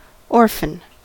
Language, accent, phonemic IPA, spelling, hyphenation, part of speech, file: English, US, /ˈɔɹfən/, orphan, or‧phan, noun / adjective / verb, En-us-orphan.ogg
- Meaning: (noun) 1. A person, especially a minor, both or (rarely) one of whose parents have died 2. A person, especially a minor, whose parents have permanently abandoned them 3. A young animal with no mother